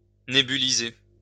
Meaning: to nebulize, atomize, spray
- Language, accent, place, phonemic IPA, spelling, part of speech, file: French, France, Lyon, /ne.by.li.ze/, nébuliser, verb, LL-Q150 (fra)-nébuliser.wav